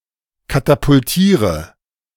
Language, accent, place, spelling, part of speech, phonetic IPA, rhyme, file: German, Germany, Berlin, katapultiere, verb, [katapʊlˈtiːʁə], -iːʁə, De-katapultiere.ogg
- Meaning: inflection of katapultieren: 1. first-person singular present 2. singular imperative 3. first/third-person singular subjunctive I